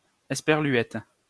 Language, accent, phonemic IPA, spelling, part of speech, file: French, France, /ɛs.pɛʁ.lɥɛt/, esperluette, noun, LL-Q150 (fra)-esperluette.wav
- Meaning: ampersand